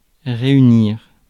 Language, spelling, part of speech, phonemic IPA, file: French, réunir, verb, /ʁe.y.niʁ/, Fr-réunir.ogg
- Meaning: 1. to gather, collect 2. to bring together 3. to meet 4. to come together